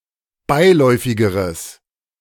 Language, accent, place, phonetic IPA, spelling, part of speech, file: German, Germany, Berlin, [ˈbaɪ̯ˌlɔɪ̯fɪɡəʁəs], beiläufigeres, adjective, De-beiläufigeres.ogg
- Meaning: strong/mixed nominative/accusative neuter singular comparative degree of beiläufig